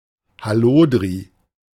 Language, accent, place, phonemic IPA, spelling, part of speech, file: German, Germany, Berlin, /haˈloːdri/, Hallodri, noun, De-Hallodri.ogg
- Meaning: careless unreliable person